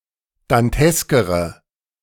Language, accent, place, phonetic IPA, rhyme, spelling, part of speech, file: German, Germany, Berlin, [danˈtɛskəʁə], -ɛskəʁə, danteskere, adjective, De-danteskere.ogg
- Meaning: inflection of dantesk: 1. strong/mixed nominative/accusative feminine singular comparative degree 2. strong nominative/accusative plural comparative degree